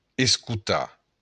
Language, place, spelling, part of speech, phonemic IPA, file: Occitan, Béarn, escotar, verb, /eskuˈta/, LL-Q14185 (oci)-escotar.wav
- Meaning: to listen